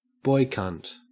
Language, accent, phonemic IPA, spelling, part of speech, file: English, Australia, /ˈbɔɪ.kʌnt/, boy cunt, noun, En-au-boy cunt.ogg
- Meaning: 1. The anus of a man, usually the passive participant in gay sex 2. The vagina and/or vulva of a trans man